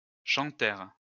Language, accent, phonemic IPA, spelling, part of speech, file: French, France, /ʃɑ̃.tɛʁ/, chantèrent, verb, LL-Q150 (fra)-chantèrent.wav
- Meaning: third-person plural past historic of chanter